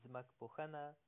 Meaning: geography
- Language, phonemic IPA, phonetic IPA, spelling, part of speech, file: Pashto, /d͡zmək.po.hə.na/, [d͡zmək.po.hə́.nä], ځمکپوهنه, noun, Ps-ځمکپوهنه.oga